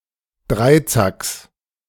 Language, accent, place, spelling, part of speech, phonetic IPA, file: German, Germany, Berlin, Dreizacks, noun, [ˈdʁaɪ̯ˌt͡saks], De-Dreizacks.ogg
- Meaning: genitive singular of Dreizack